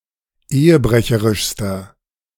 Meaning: inflection of ehebrecherisch: 1. strong/mixed nominative masculine singular superlative degree 2. strong genitive/dative feminine singular superlative degree
- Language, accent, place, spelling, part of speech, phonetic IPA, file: German, Germany, Berlin, ehebrecherischster, adjective, [ˈeːəˌbʁɛçəʁɪʃstɐ], De-ehebrecherischster.ogg